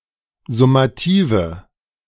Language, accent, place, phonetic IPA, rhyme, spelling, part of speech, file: German, Germany, Berlin, [zʊmaˈtiːvə], -iːvə, summative, adjective, De-summative.ogg
- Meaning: inflection of summativ: 1. strong/mixed nominative/accusative feminine singular 2. strong nominative/accusative plural 3. weak nominative all-gender singular